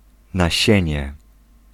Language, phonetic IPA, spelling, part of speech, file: Polish, [naˈɕɛ̇̃ɲɛ], nasienie, noun, Pl-nasienie.ogg